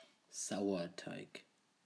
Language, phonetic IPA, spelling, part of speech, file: German, [ˈzaʊ̯ɐˌtaɪ̯k], Sauerteig, noun / proper noun, De-Sauerteig.ogg